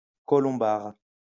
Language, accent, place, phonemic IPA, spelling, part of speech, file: French, France, Lyon, /kɔ.lɔ̃.baʁ/, colombard, adjective / noun, LL-Q150 (fra)-colombard.wav
- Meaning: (adjective) of Colombier-Saugnieu; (noun) a white grape variety from Charentes; a wine made from these grapes